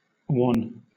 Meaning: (adjective) 1. Pale, sickly-looking 2. Dim, faint 3. Bland, uninterested; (noun) The quality of being wan; wanness
- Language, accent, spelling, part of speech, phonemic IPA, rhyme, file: English, Southern England, wan, adjective / noun, /wɒn/, -ɒn, LL-Q1860 (eng)-wan.wav